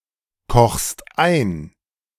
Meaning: second-person singular present of einkochen
- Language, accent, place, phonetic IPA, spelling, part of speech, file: German, Germany, Berlin, [ˌkɔxst ˈaɪ̯n], kochst ein, verb, De-kochst ein.ogg